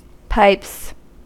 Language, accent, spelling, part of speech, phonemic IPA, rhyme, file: English, US, pipes, noun / verb, /paɪps/, -aɪps, En-us-pipes.ogg
- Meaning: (noun) 1. plural of pipe 2. A single pipe organ 3. One's vocal capacity 4. Biceps; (verb) third-person singular simple present indicative of pipe